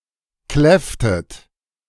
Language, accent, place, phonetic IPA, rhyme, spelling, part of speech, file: German, Germany, Berlin, [ˈklɛftət], -ɛftət, kläfftet, verb, De-kläfftet.ogg
- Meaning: inflection of kläffen: 1. second-person plural preterite 2. second-person plural subjunctive II